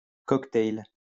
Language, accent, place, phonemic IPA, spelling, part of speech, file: French, France, Lyon, /kɔk.tɛl/, cocktail, noun, LL-Q150 (fra)-cocktail.wav
- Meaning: 1. cocktail 2. cocktail party 3. a mixture or combination of things